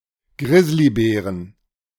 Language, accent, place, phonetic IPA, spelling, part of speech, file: German, Germany, Berlin, [ˈɡʁɪsliˌbɛːʁən], Grizzlybären, noun, De-Grizzlybären.ogg
- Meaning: 1. genitive singular of Grizzlybär 2. plural of Grizzlybär